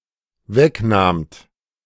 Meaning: second-person plural dependent preterite of wegnehmen
- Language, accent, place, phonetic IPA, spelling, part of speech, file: German, Germany, Berlin, [ˈvɛkˌnaːmt], wegnahmt, verb, De-wegnahmt.ogg